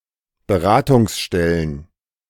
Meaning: plural of Beratungsstelle
- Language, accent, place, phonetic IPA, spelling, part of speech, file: German, Germany, Berlin, [bəˈʁaːtʊŋsˌʃtɛlən], Beratungsstellen, noun, De-Beratungsstellen.ogg